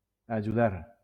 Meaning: to help, aid
- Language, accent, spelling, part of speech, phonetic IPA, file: Catalan, Valencia, ajudar, verb, [a.d͡ʒuˈðaɾ], LL-Q7026 (cat)-ajudar.wav